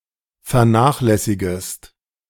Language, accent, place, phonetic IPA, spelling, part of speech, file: German, Germany, Berlin, [fɛɐ̯ˈnaːxlɛsɪɡəst], vernachlässigest, verb, De-vernachlässigest.ogg
- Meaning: second-person singular subjunctive I of vernachlässigen